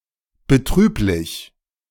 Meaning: sad, unfortunate
- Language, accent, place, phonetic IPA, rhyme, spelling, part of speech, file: German, Germany, Berlin, [bəˈtʁyːplɪç], -yːplɪç, betrüblich, adjective, De-betrüblich.ogg